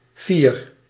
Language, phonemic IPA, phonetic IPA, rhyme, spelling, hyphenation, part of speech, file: Dutch, /fir/, [fiːr], -ir, fier, fier, adjective, Nl-fier.ogg
- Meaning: 1. proud, self-confident 2. gallant, high-hearted, of noble spirit